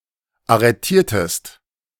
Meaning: inflection of arretieren: 1. second-person singular preterite 2. second-person singular subjunctive II
- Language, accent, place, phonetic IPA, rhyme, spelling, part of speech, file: German, Germany, Berlin, [aʁəˈtiːɐ̯təst], -iːɐ̯təst, arretiertest, verb, De-arretiertest.ogg